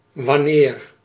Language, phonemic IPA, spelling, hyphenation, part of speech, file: Dutch, /ʋɑˈneːr/, wanneer, wan‧neer, adverb / conjunction, Nl-wanneer.ogg
- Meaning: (adverb) when; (conjunction) whenever